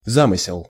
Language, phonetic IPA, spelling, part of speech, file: Russian, [ˈzamɨsʲɪɫ], замысел, noun, Ru-замысел.ogg
- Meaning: 1. intention, plan, design, scheme 2. conception, idea